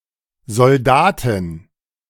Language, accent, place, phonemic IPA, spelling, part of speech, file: German, Germany, Berlin, /zɔlˈdaːtɪn/, Soldatin, noun, De-Soldatin.ogg
- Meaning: female soldier